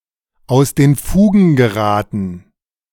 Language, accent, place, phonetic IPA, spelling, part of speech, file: German, Germany, Berlin, [aʊ̯s deːn ˈfuːɡn̩ ɡəˈʁaːtn̩], aus den Fugen geraten, phrase, De-aus den Fugen geraten.ogg
- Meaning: to go off the rails, out of joint